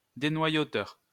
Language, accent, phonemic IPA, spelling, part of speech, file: French, France, /de.nwa.jo.tœʁ/, dénoyauteur, noun, LL-Q150 (fra)-dénoyauteur.wav
- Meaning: pitter (device)